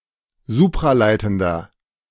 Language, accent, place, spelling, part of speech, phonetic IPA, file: German, Germany, Berlin, supraleitender, adjective, [ˈzuːpʁaˌlaɪ̯tn̩dɐ], De-supraleitender.ogg
- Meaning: inflection of supraleitend: 1. strong/mixed nominative masculine singular 2. strong genitive/dative feminine singular 3. strong genitive plural